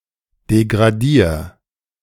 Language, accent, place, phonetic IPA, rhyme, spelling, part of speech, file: German, Germany, Berlin, [deɡʁaˈdiːɐ̯], -iːɐ̯, degradier, verb, De-degradier.ogg
- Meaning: singular imperative of degradieren